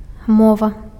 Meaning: language (a set of generally accepted sound and lexical-grammatical means for expressing thoughts and establishing communication between people)
- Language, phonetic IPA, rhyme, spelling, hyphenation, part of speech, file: Belarusian, [ˈmova], -ova, мова, мо‧ва, noun, Be-мова.ogg